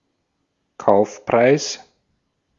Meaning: purchase price
- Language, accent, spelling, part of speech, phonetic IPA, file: German, Austria, Kaufpreis, noun, [ˈkaʊ̯fˌpʁaɪ̯s], De-at-Kaufpreis.ogg